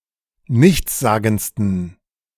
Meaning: 1. superlative degree of nichtssagend 2. inflection of nichtssagend: strong genitive masculine/neuter singular superlative degree
- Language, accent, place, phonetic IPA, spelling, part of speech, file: German, Germany, Berlin, [ˈnɪçt͡sˌzaːɡn̩t͡stən], nichtssagendsten, adjective, De-nichtssagendsten.ogg